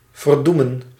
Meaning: 1. to damn 2. to curse 3. to bring doom upon
- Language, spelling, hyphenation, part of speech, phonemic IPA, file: Dutch, verdoemen, ver‧doe‧men, verb, /vərˈdu.mə(n)/, Nl-verdoemen.ogg